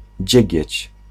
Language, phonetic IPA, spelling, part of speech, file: Polish, [ˈd͡ʑɛ̇ɟɛ̇t͡ɕ], dziegieć, noun, Pl-dziegieć.ogg